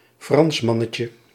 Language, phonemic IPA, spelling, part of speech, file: Dutch, /ˈfrɑnsmɑnəcə/, Fransmannetje, noun, Nl-Fransmannetje.ogg
- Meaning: diminutive of Fransman